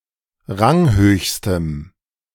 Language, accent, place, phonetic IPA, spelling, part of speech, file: German, Germany, Berlin, [ˈʁaŋˌhøːçstəm], ranghöchstem, adjective, De-ranghöchstem.ogg
- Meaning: strong dative masculine/neuter singular superlative degree of ranghoch